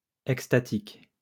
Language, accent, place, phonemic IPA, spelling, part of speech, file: French, France, Lyon, /ɛk.sta.tik/, extatique, adjective, LL-Q150 (fra)-extatique.wav
- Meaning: ecstatic